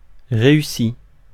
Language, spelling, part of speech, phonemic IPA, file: French, réussi, verb, /ʁe.y.si/, Fr-réussi.ogg
- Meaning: past participle of réussir